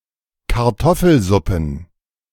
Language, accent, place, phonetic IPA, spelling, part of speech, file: German, Germany, Berlin, [kaʁˈtɔfl̩ˌzʊpn̩], Kartoffelsuppen, noun, De-Kartoffelsuppen.ogg
- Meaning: plural of Kartoffelsuppe